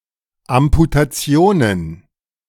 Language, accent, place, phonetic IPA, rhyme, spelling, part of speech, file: German, Germany, Berlin, [amputaˈt͡si̯oːnən], -oːnən, Amputationen, noun, De-Amputationen.ogg
- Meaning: plural of Amputation